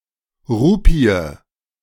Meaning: rupee (monetary currency)
- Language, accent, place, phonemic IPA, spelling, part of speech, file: German, Germany, Berlin, /ˈʁuːpi̯ə/, Rupie, noun, De-Rupie.ogg